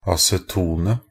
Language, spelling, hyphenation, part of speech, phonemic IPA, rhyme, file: Norwegian Bokmål, acetonet, a‧ce‧ton‧et, noun, /asɛˈtuːnə/, -uːnə, Nb-acetonet.ogg
- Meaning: definite singular of aceton